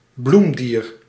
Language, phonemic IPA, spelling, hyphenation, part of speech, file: Dutch, /ˈblum.dir/, bloemdier, bloem‧dier, noun, Nl-bloemdier.ogg
- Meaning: anthozoan (animal of the class Anthozoa)